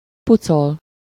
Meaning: 1. to clean, polish 2. to peel (to remove skin) 3. to clear off
- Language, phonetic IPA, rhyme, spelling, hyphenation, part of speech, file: Hungarian, [ˈput͡sol], -ol, pucol, pu‧col, verb, Hu-pucol.ogg